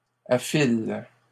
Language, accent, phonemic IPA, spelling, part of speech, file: French, Canada, /a.fil/, affiles, verb, LL-Q150 (fra)-affiles.wav
- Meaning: second-person singular present indicative/subjunctive of affiler